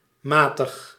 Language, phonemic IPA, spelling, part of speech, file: Dutch, /ˈmatəx/, matig, adjective / verb, Nl-matig.ogg
- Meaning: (adjective) 1. moderate 2. so-so, middling 3. gentle, lenient, not extreme, forgiving (of an authority figure); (verb) inflection of matigen: first-person singular present indicative